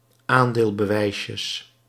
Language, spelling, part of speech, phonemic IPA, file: Dutch, aandeelbewijsjes, noun, /ˈandelbəˌwɛisjəs/, Nl-aandeelbewijsjes.ogg
- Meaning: plural of aandeelbewijsje